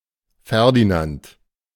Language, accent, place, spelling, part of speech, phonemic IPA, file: German, Germany, Berlin, Ferdinand, proper noun, /ˈfɛʁdinant/, De-Ferdinand.ogg
- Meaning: a male given name, equivalent to English Ferdinand